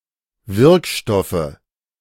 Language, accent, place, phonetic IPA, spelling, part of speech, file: German, Germany, Berlin, [ˈvɪʁkˌʃtɔfə], Wirkstoffe, noun, De-Wirkstoffe.ogg
- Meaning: nominative/accusative/genitive plural of Wirkstoff